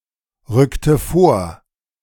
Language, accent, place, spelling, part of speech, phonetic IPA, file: German, Germany, Berlin, rückte vor, verb, [ˌʁʏktə ˈfoːɐ̯], De-rückte vor.ogg
- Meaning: inflection of vorrücken: 1. first/third-person singular preterite 2. first/third-person singular subjunctive II